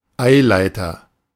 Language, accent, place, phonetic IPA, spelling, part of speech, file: German, Germany, Berlin, [ˈaɪ̯ˌlaɪ̯tɐ], Eileiter, noun, De-Eileiter.ogg
- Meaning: Fallopian tube